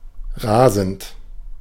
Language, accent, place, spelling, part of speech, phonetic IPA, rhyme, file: German, Germany, Berlin, rasend, adjective / verb, [ˈʁaːzn̩t], -aːzn̩t, De-rasend.ogg
- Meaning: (verb) present participle of rasen; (adjective) raging, frantic